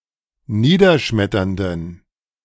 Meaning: inflection of niederschmetternd: 1. strong genitive masculine/neuter singular 2. weak/mixed genitive/dative all-gender singular 3. strong/weak/mixed accusative masculine singular
- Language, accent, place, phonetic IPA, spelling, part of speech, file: German, Germany, Berlin, [ˈniːdɐˌʃmɛtɐndn̩], niederschmetternden, adjective, De-niederschmetternden.ogg